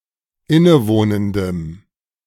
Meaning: strong dative masculine/neuter singular of innewohnend
- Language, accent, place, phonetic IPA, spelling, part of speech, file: German, Germany, Berlin, [ˈɪnəˌvoːnəndəm], innewohnendem, adjective, De-innewohnendem.ogg